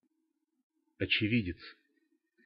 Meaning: eyewitness
- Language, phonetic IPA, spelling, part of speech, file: Russian, [ɐt͡ɕɪˈvʲidʲɪt͡s], очевидец, noun, Ru-очевидец.ogg